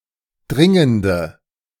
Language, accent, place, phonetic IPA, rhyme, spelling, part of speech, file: German, Germany, Berlin, [ˈdʁɪŋəndə], -ɪŋəndə, dringende, adjective, De-dringende.ogg
- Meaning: inflection of dringend: 1. strong/mixed nominative/accusative feminine singular 2. strong nominative/accusative plural 3. weak nominative all-gender singular